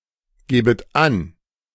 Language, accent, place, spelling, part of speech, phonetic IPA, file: German, Germany, Berlin, gäbet an, verb, [ˌɡɛːbət ˈan], De-gäbet an.ogg
- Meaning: second-person plural subjunctive II of angeben